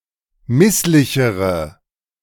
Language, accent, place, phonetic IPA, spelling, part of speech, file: German, Germany, Berlin, [ˈmɪslɪçəʁə], misslichere, adjective, De-misslichere.ogg
- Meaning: inflection of misslich: 1. strong/mixed nominative/accusative feminine singular comparative degree 2. strong nominative/accusative plural comparative degree